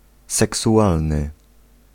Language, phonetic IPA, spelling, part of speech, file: Polish, [ˌsɛksuˈʷalnɨ], seksualny, adjective, Pl-seksualny.ogg